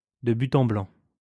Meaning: very bluntly, point-blank, directly, all of a sudden, suddenly
- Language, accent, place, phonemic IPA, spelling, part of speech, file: French, France, Lyon, /də by.t‿ɑ̃ blɑ̃/, de but en blanc, adverb, LL-Q150 (fra)-de but en blanc.wav